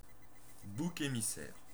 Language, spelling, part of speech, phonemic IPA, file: French, bouc émissaire, noun, /bu.k‿e.mi.sɛʁ/, Fr-bouc émissaire.ogg
- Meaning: scapegoat (someone punished for someone else's error(s))